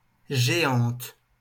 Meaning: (adjective) feminine singular of géant; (noun) female equivalent of géant (“giant”)
- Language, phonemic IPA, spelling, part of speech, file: French, /ʒe.ɑ̃t/, géante, adjective / noun, LL-Q150 (fra)-géante.wav